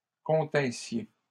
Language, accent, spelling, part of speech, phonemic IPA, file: French, Canada, continssiez, verb, /kɔ̃.tɛ̃.sje/, LL-Q150 (fra)-continssiez.wav
- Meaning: second-person plural imperfect subjunctive of contenir